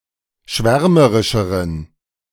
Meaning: inflection of schwärmerisch: 1. strong genitive masculine/neuter singular comparative degree 2. weak/mixed genitive/dative all-gender singular comparative degree
- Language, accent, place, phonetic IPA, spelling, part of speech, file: German, Germany, Berlin, [ˈʃvɛʁməʁɪʃəʁən], schwärmerischeren, adjective, De-schwärmerischeren.ogg